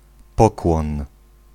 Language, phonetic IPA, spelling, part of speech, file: Polish, [ˈpɔkwɔ̃n], pokłon, noun, Pl-pokłon.ogg